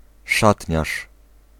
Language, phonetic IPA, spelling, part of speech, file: Polish, [ˈʃatʲɲaʃ], szatniarz, noun, Pl-szatniarz.ogg